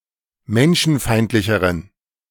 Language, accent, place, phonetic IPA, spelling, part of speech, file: German, Germany, Berlin, [ˈmɛnʃn̩ˌfaɪ̯ntlɪçəʁən], menschenfeindlicheren, adjective, De-menschenfeindlicheren.ogg
- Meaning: inflection of menschenfeindlich: 1. strong genitive masculine/neuter singular comparative degree 2. weak/mixed genitive/dative all-gender singular comparative degree